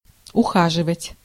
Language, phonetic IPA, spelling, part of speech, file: Russian, [ʊˈxaʐɨvətʲ], ухаживать, verb, Ru-ухаживать.ogg
- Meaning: 1. to care, to tend, to nurse, to look after 2. to court, to date 3. to leave (repeatedly or frequently); frequentative of уходи́ть (uxodítʹ)